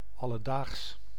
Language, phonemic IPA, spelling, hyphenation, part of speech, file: Dutch, /ˌɑ.ləˈdaːxs/, alledaags, al‧le‧daags, adjective, Nl-alledaags.ogg
- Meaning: everyday, commonplace, ordinary